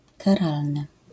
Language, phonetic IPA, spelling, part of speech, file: Polish, [kaˈralnɨ], karalny, adjective, LL-Q809 (pol)-karalny.wav